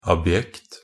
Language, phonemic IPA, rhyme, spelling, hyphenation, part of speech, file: Norwegian Bokmål, /abˈjɛkt/, -ɛkt, abjekt, ab‧jekt, adjective, Nb-abjekt.ogg
- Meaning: 1. abject (degraded; servile; grovelling; despicable) 2. abject (showing utter hopelessness, helplessness; showing resignation; wretched)